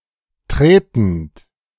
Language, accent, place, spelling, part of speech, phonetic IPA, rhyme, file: German, Germany, Berlin, tretend, verb, [ˈtʁeːtn̩t], -eːtn̩t, De-tretend.ogg
- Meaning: present participle of treten